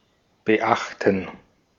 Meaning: 1. to note, notice, observe 2. to mind, heed
- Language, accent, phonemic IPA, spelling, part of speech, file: German, Austria, /bəˈʔaχtn̩/, beachten, verb, De-at-beachten.ogg